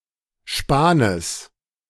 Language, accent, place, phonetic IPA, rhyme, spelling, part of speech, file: German, Germany, Berlin, [ˈʃpaːnəs], -aːnəs, Spanes, noun, De-Spanes.ogg
- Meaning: genitive singular of Span